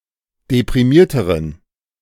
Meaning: inflection of deprimiert: 1. strong genitive masculine/neuter singular comparative degree 2. weak/mixed genitive/dative all-gender singular comparative degree
- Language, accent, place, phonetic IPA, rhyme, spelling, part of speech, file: German, Germany, Berlin, [depʁiˈmiːɐ̯təʁən], -iːɐ̯təʁən, deprimierteren, adjective, De-deprimierteren.ogg